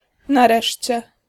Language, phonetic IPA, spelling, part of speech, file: Polish, [naˈrɛʃʲt͡ɕɛ], nareszcie, adverb, Pl-nareszcie.ogg